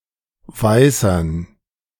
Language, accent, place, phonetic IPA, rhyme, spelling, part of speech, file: German, Germany, Berlin, [ˈvaɪ̯sɐn], -aɪ̯sɐn, Weißern, noun, De-Weißern.ogg
- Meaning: dative plural of Weißer